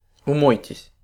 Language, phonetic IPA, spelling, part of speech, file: Russian, [ʊˈmojtʲɪsʲ], умойтесь, verb, Ru-умойтесь.ogg
- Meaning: second-person plural imperative perfective of умы́ться (umýtʹsja)